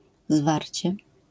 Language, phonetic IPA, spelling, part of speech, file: Polish, [ˈzvarʲt͡ɕɛ], zwarcie, noun / adverb, LL-Q809 (pol)-zwarcie.wav